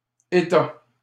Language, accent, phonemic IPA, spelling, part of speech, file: French, Canada, /e.ta/, États, noun, LL-Q150 (fra)-États.wav
- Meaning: plural of État